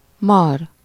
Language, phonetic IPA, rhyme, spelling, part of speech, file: Hungarian, [ˈmɒr], -ɒr, mar, verb / noun, Hu-mar.ogg
- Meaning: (verb) 1. to bite (of animals, chiefly snakes, sometimes dogs or chinches; used either with -t/-ot/-at/-et/-öt or with -ba/-be) 2. to bite, to burn (of acid)